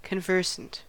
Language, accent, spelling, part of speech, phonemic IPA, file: English, US, conversant, adjective / noun, /kənˈvɝsənt/, En-us-conversant.ogg
- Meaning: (adjective) 1. Closely familiar; current; having frequent interaction 2. Familiar or acquainted by use or study; well-informed; versed 3. Concerned; occupied; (noun) One who converses with another